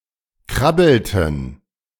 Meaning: inflection of krabbeln: 1. first/third-person plural preterite 2. first/third-person plural subjunctive II
- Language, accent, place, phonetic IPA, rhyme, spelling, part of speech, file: German, Germany, Berlin, [ˈkʁabl̩tn̩], -abl̩tn̩, krabbelten, verb, De-krabbelten.ogg